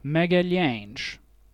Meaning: a surname, equivalent to English Magellan
- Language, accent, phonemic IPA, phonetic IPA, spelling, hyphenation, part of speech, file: Portuguese, Portugal, /mɐ.ɡɐˈʎɐ̃j̃ʃ/, [mɐ.ɣɐˈʎɐ̃j̃ʃ], Magalhães, Ma‧ga‧lhães, proper noun, Pt-Magalhães.ogg